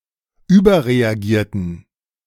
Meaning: inflection of überreagieren: 1. first/third-person plural preterite 2. first/third-person plural subjunctive II
- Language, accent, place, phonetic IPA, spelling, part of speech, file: German, Germany, Berlin, [ˈyːbɐʁeaˌɡiːɐ̯tn̩], überreagierten, verb, De-überreagierten.ogg